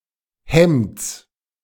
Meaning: genitive singular of Hemd
- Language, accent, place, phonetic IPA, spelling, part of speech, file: German, Germany, Berlin, [hɛmt͡s], Hemds, noun, De-Hemds.ogg